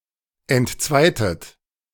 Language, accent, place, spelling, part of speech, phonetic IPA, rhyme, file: German, Germany, Berlin, entzweitet, verb, [ɛntˈt͡svaɪ̯tət], -aɪ̯tət, De-entzweitet.ogg
- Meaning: inflection of entzweien: 1. second-person plural preterite 2. second-person plural subjunctive II